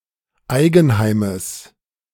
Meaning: genitive singular of Eigenheim
- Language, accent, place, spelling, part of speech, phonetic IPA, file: German, Germany, Berlin, Eigenheimes, noun, [ˈaɪ̯ɡn̩ˌhaɪ̯məs], De-Eigenheimes.ogg